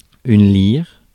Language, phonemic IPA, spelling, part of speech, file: French, /liʁ/, lyre, noun, Fr-lyre.ogg
- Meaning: 1. lyre 2. a cutting tool resembling a lyre